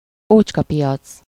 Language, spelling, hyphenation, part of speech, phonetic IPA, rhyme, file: Hungarian, ócskapiac, ócs‧ka‧pi‧ac, noun, [ˈoːt͡ʃkɒpijɒt͡s], -ɒt͡s, Hu-ócskapiac.ogg
- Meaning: flea market (an outdoor market selling secondhand goods)